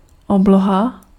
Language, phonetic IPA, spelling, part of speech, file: Czech, [ˈobloɦa], obloha, noun, Cs-obloha.ogg
- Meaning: sky